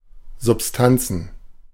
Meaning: plural of Substanz
- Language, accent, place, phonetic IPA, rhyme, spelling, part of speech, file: German, Germany, Berlin, [zʊpˈstant͡sn̩], -ant͡sn̩, Substanzen, noun, De-Substanzen.ogg